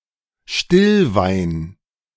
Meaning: still wine
- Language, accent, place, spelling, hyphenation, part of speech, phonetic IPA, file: German, Germany, Berlin, Stillwein, Still‧wein, noun, [ˈʃtɪlˌvaɪ̯n], De-Stillwein.ogg